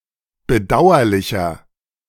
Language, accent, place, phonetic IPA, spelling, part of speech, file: German, Germany, Berlin, [bəˈdaʊ̯ɐlɪçɐ], bedauerlicher, adjective, De-bedauerlicher.ogg
- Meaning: 1. comparative degree of bedauerlich 2. inflection of bedauerlich: strong/mixed nominative masculine singular 3. inflection of bedauerlich: strong genitive/dative feminine singular